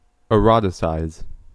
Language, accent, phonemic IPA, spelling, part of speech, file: English, US, /ɪˈɹɑtɪsaɪz/, eroticize, verb, En-us-eroticize.ogg
- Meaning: To make erotic